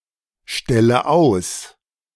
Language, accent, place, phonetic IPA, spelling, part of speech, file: German, Germany, Berlin, [ˌʃtɛlə ˈaʊ̯s], stelle aus, verb, De-stelle aus.ogg
- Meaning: inflection of ausstellen: 1. first-person singular present 2. first/third-person singular subjunctive I 3. singular imperative